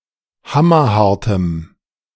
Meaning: strong dative masculine/neuter singular of hammerhart
- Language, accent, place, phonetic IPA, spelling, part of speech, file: German, Germany, Berlin, [ˈhamɐˌhaʁtəm], hammerhartem, adjective, De-hammerhartem.ogg